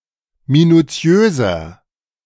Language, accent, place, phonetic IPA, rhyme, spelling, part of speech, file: German, Germany, Berlin, [minuˈt͡si̯øːzɐ], -øːzɐ, minuziöser, adjective, De-minuziöser.ogg
- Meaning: 1. comparative degree of minuziös 2. inflection of minuziös: strong/mixed nominative masculine singular 3. inflection of minuziös: strong genitive/dative feminine singular